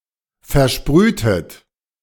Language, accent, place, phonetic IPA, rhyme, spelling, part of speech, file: German, Germany, Berlin, [fɛɐ̯ˈʃpʁyːtət], -yːtət, versprühtet, verb, De-versprühtet.ogg
- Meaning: inflection of versprühen: 1. second-person plural preterite 2. second-person plural subjunctive II